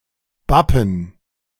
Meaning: to stick
- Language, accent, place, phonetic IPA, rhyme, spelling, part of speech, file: German, Germany, Berlin, [ˈbapn̩], -apn̩, bappen, verb, De-bappen.ogg